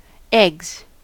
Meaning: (noun) plural of egg; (verb) third-person singular simple present indicative of egg
- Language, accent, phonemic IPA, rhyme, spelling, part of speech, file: English, US, /ɛɡz/, -ɛɡz, eggs, noun / verb, En-us-eggs.ogg